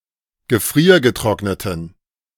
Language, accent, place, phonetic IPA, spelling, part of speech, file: German, Germany, Berlin, [ɡəˈfʁiːɐ̯ɡəˌtʁɔknətən], gefriergetrockneten, adjective, De-gefriergetrockneten.ogg
- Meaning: inflection of gefriergetrocknet: 1. strong genitive masculine/neuter singular 2. weak/mixed genitive/dative all-gender singular 3. strong/weak/mixed accusative masculine singular